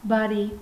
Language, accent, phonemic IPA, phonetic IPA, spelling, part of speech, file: Armenian, Eastern Armenian, /bɑˈɾi/, [bɑɾí], բարի, adjective / noun / particle, Hy-բարի.oga
- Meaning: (adjective) 1. kind, kind-hearted, good-natured, good 2. good; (particle) all right!, very well!, agreed!, OK